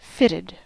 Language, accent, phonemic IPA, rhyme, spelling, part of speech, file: English, US, /ˈfɪtɪd/, -ɪtɪd, fitted, verb / adjective / noun, En-us-fitted.ogg
- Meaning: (verb) 1. simple past and past participle of fit (to tailor, to change size) 2. simple past and past participle of fit (other senses); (adjective) Tailored to the shape of a person's body